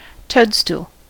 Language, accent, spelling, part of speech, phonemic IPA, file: English, US, toadstool, noun, /ˈtoʊdˌstu(ə)l/, En-us-toadstool.ogg
- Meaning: Any inedible or poisonous mushroom, especially an amanita